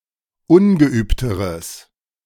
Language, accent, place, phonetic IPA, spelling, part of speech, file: German, Germany, Berlin, [ˈʊnɡəˌʔyːptəʁəs], ungeübteres, adjective, De-ungeübteres.ogg
- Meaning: strong/mixed nominative/accusative neuter singular comparative degree of ungeübt